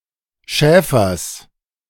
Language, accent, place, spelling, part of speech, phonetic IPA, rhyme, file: German, Germany, Berlin, Schäfers, noun, [ˈʃɛːfɐs], -ɛːfɐs, De-Schäfers.ogg
- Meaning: genitive singular of Schäfer